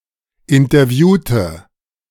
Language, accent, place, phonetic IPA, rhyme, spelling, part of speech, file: German, Germany, Berlin, [ɪntɐˈvjuːtə], -uːtə, interviewte, adjective / verb, De-interviewte.ogg
- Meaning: inflection of interviewen: 1. first/third-person singular preterite 2. first/third-person singular subjunctive II